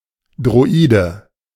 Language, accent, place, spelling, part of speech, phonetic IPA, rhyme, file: German, Germany, Berlin, Droide, noun, [dʁoˈiːdə], -iːdə, De-Droide.ogg
- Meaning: droid, short form of Androide "android"